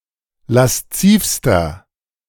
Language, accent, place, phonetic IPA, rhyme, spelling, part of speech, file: German, Germany, Berlin, [lasˈt͡siːfstɐ], -iːfstɐ, laszivster, adjective, De-laszivster.ogg
- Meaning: inflection of lasziv: 1. strong/mixed nominative masculine singular superlative degree 2. strong genitive/dative feminine singular superlative degree 3. strong genitive plural superlative degree